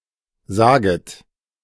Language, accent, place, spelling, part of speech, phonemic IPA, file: German, Germany, Berlin, saget, verb, /ˈzaːɡət/, De-saget.ogg
- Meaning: second-person plural subjunctive I of sagen